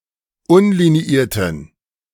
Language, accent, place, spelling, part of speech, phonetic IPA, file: German, Germany, Berlin, unliniierten, adjective, [ˈʊnliniˌiːɐ̯tn̩], De-unliniierten.ogg
- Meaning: inflection of unliniiert: 1. strong genitive masculine/neuter singular 2. weak/mixed genitive/dative all-gender singular 3. strong/weak/mixed accusative masculine singular 4. strong dative plural